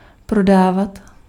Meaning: to sell
- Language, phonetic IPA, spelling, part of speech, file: Czech, [ˈprodaːvat], prodávat, verb, Cs-prodávat.ogg